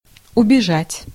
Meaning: 1. to run away, to make off, to flee 2. to escape 3. to boil over (of liquid)
- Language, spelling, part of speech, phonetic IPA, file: Russian, убежать, verb, [ʊbʲɪˈʐatʲ], Ru-убежать.ogg